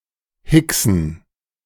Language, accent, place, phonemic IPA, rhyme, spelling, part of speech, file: German, Germany, Berlin, /ˈhɪksn̩/, -ɪksn̩, hicksen, verb, De-hicksen.ogg
- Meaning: to hiccup